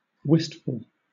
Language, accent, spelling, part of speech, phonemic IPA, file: English, Southern England, wistful, adjective, /ˈwɪstfəl/, LL-Q1860 (eng)-wistful.wav
- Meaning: 1. Full of longing or yearning 2. Sad and thoughtful